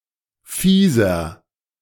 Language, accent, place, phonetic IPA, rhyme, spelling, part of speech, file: German, Germany, Berlin, [ˈfiːzɐ], -iːzɐ, fieser, adjective, De-fieser.ogg
- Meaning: inflection of fies: 1. strong/mixed nominative masculine singular 2. strong genitive/dative feminine singular 3. strong genitive plural